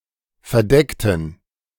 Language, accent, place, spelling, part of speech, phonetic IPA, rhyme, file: German, Germany, Berlin, verdeckten, adjective / verb, [fɛɐ̯ˈdɛktn̩], -ɛktn̩, De-verdeckten.ogg
- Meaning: inflection of verdecken: 1. first/third-person plural preterite 2. first/third-person plural subjunctive II